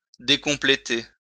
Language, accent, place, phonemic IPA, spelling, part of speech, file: French, France, Lyon, /de.kɔ̃.ple.te/, décompléter, verb, LL-Q150 (fra)-décompléter.wav
- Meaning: to render incomplete